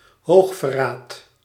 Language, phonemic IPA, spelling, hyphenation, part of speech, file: Dutch, /ˈɦoːx.fəˌraːt/, hoogverraad, hoog‧ver‧raad, noun, Nl-hoogverraad.ogg
- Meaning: high treason